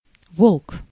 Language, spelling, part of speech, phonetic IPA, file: Russian, волк, noun, [voɫk], Ru-волк.ogg
- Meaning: wolf